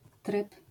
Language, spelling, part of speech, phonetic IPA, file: Polish, tryb, noun, [trɨp], LL-Q809 (pol)-tryb.wav